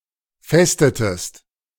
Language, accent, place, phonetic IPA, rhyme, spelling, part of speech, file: German, Germany, Berlin, [ˈfɛstətəst], -ɛstətəst, festetest, verb, De-festetest.ogg
- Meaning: inflection of festen: 1. second-person singular preterite 2. second-person singular subjunctive II